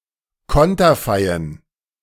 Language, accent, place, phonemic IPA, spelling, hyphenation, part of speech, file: German, Germany, Berlin, /ˈkɔntɐfaɪ̯ən/, konterfeien, kon‧ter‧fei‧en, verb, De-konterfeien.ogg
- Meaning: to portrait